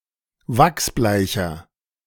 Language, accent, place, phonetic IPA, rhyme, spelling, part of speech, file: German, Germany, Berlin, [ˈvaksˈblaɪ̯çɐ], -aɪ̯çɐ, wachsbleicher, adjective, De-wachsbleicher.ogg
- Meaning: inflection of wachsbleich: 1. strong/mixed nominative masculine singular 2. strong genitive/dative feminine singular 3. strong genitive plural